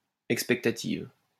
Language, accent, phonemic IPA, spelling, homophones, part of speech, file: French, France, /ɛk.spɛk.ta.tiv/, expectative, expectatives, adjective, LL-Q150 (fra)-expectative.wav
- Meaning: feminine singular of expectatif